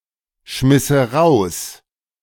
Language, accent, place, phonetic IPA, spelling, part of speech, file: German, Germany, Berlin, [ˌʃmɪsə ˈʁaʊ̯s], schmisse raus, verb, De-schmisse raus.ogg
- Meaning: first/third-person singular subjunctive II of rausschmeißen